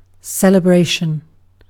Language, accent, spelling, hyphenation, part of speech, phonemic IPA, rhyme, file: English, UK, celebration, cel‧e‧bra‧tion, noun, /ˌsɛl.ɪˈbɹeɪ.ʃən/, -eɪʃən, En-uk-celebration.ogg
- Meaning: 1. The formal performance of a solemn rite, such as Christian sacrament 2. The observance of a holiday or feast day, as by solemnities